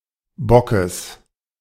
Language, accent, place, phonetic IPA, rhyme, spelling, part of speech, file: German, Germany, Berlin, [bɔkəs], -ɔkəs, Bockes, noun, De-Bockes.ogg
- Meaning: genitive singular of Bock